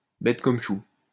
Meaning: very simple, very plain; easy as pie
- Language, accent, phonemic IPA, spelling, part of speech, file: French, France, /bɛt kɔm ʃu/, bête comme chou, adjective, LL-Q150 (fra)-bête comme chou.wav